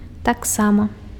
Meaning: also, too (as well)
- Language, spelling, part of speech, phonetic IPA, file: Belarusian, таксама, adverb, [takˈsama], Be-таксама.ogg